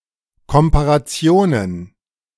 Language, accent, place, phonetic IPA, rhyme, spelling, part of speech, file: German, Germany, Berlin, [ˌkɔmpaʁaˈt͡si̯oːnən], -oːnən, Komparationen, noun, De-Komparationen.ogg
- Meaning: plural of Komparation